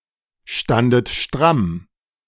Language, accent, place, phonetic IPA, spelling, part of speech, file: German, Germany, Berlin, [ˌʃtandət ˈʃtʁam], standet stramm, verb, De-standet stramm.ogg
- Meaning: second-person plural preterite of strammstehen